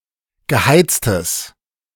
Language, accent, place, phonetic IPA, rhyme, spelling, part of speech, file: German, Germany, Berlin, [ɡəˈhaɪ̯t͡stəs], -aɪ̯t͡stəs, geheiztes, adjective, De-geheiztes.ogg
- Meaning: strong/mixed nominative/accusative neuter singular of geheizt